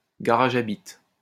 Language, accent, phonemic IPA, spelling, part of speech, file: French, France, /ɡa.ʁa.ʒ‿a bit/, garage à bites, noun, LL-Q150 (fra)-garage à bites.wav
- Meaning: a promiscuous person; a cum dumpster; a slutbag